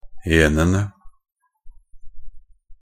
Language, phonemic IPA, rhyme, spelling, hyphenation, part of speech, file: Norwegian Bokmål, /ˈeːnənə/, -ənə, -enene, -en‧en‧e, suffix, Nb--enene.ogg
- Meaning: definite plural form of -en